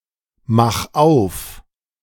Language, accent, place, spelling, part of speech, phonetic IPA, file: German, Germany, Berlin, mach auf, verb, [ˌmax ˈaʊ̯f], De-mach auf.ogg
- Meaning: 1. singular imperative of aufmachen 2. first-person singular present of aufmachen